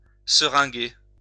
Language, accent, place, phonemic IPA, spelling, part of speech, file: French, France, Lyon, /sə.ʁɛ̃.ɡe/, seringuer, verb, LL-Q150 (fra)-seringuer.wav
- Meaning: to syringe